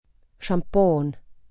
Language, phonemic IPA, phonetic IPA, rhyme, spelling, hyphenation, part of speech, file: Estonian, /ʃɑmˈpoːn/, [ʃɑmˈpoːn], -oːn, šampoon, šam‧poon, noun, Et-šampoon.ogg
- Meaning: shampoo (liquid for washing hair)